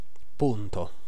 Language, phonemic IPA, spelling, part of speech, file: Italian, /ˈpunto/, punto, adjective / noun / verb, It-punto.ogg